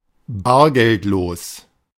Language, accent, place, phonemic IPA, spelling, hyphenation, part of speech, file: German, Germany, Berlin, /ˈbaːɐ̯ɡɛltˌloːs/, bargeldlos, bar‧geld‧los, adjective, De-bargeldlos.ogg
- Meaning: cashless